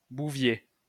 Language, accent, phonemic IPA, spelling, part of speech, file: French, France, /bu.vje/, Bouvier, proper noun, LL-Q150 (fra)-Bouvier.wav
- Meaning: 1. Boötes (a constellation) 2. a surname, Bouvier, originating as an occupation, equivalent to English Cowherd or Coward